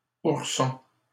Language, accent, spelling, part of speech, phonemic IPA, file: French, Canada, ourson, noun, /uʁ.sɔ̃/, LL-Q150 (fra)-ourson.wav
- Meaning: cub; bear cub